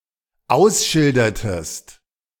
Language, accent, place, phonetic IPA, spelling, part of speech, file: German, Germany, Berlin, [ˈaʊ̯sˌʃɪldɐtəst], ausschildertest, verb, De-ausschildertest.ogg
- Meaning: inflection of ausschildern: 1. second-person singular dependent preterite 2. second-person singular dependent subjunctive II